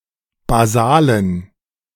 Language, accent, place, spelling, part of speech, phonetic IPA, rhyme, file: German, Germany, Berlin, basalen, adjective, [baˈzaːlən], -aːlən, De-basalen.ogg
- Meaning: inflection of basal: 1. strong genitive masculine/neuter singular 2. weak/mixed genitive/dative all-gender singular 3. strong/weak/mixed accusative masculine singular 4. strong dative plural